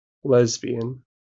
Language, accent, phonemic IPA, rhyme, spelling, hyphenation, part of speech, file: English, General American, /ˈlɛz.bi.ən/, -ɛzbiən, lesbian, lesb‧i‧an, adjective / noun / verb, En-us-lesbian.wav
- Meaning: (adjective) Homosexual, gay; preferring exclusively women as romantic or sexual partners